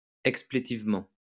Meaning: expletively
- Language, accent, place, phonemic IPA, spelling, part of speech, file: French, France, Lyon, /ɛk.sple.tiv.mɑ̃/, explétivement, adverb, LL-Q150 (fra)-explétivement.wav